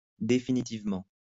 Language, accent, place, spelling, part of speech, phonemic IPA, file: French, France, Lyon, définitivement, adverb, /de.fi.ni.tiv.mɑ̃/, LL-Q150 (fra)-définitivement.wav
- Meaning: 1. definitively, for good, once and for all 2. definitely